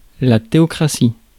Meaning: theocracy
- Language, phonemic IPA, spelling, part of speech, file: French, /te.ɔ.kʁa.si/, théocratie, noun, Fr-théocratie.ogg